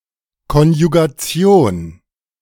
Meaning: 1. conjugation (verb inflection) 2. conjugation 3. conjugation (negation of non-real part)
- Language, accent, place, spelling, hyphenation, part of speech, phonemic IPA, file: German, Germany, Berlin, Konjugation, Kon‧ju‧ga‧ti‧on, noun, /kɔnjuɡaˈtsi̯oːn/, De-Konjugation.ogg